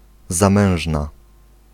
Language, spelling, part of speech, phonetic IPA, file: Polish, zamężna, adjective, [zãˈmɛ̃w̃ʒna], Pl-zamężna.ogg